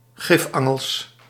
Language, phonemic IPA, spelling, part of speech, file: Dutch, /ˈɣɪfɑŋəls/, gifangels, noun, Nl-gifangels.ogg
- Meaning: plural of gifangel